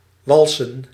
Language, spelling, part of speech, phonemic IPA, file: Dutch, walsen, verb / noun, /ˈwɑlsə(n)/, Nl-walsen.ogg
- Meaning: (verb) 1. to flatten, notably by (steam)roller 2. to waltz 3. to rotate in the glass, so as to free the aroma; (noun) plural of wals